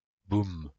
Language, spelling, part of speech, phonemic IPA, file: French, boum, interjection / noun, /bum/, LL-Q150 (fra)-boum.wav
- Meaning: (interjection) boom (sound of explosion); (noun) dance event, party